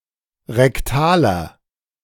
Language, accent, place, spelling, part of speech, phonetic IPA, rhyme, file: German, Germany, Berlin, rektaler, adjective, [ʁɛkˈtaːlɐ], -aːlɐ, De-rektaler.ogg
- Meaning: inflection of rektal: 1. strong/mixed nominative masculine singular 2. strong genitive/dative feminine singular 3. strong genitive plural